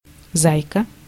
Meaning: 1. diminutive of за́яц (zájac) 2. darling, baby (especially of a child)
- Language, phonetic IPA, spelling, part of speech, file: Russian, [ˈzajkə], зайка, noun, Ru-зайка.ogg